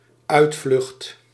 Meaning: an excuse (explanation designed to avoid or alleviate guilt or negative judgement)
- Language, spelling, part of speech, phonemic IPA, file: Dutch, uitvlucht, noun, /ˈœytflʏxt/, Nl-uitvlucht.ogg